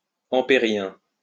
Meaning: Amperian
- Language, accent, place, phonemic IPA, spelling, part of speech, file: French, France, Lyon, /ɑ̃.pe.ʁjɛ̃/, ampérien, adjective, LL-Q150 (fra)-ampérien.wav